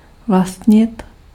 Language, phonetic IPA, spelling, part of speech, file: Czech, [ˈvlastɲɪt], vlastnit, verb, Cs-vlastnit.ogg
- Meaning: to own, to possess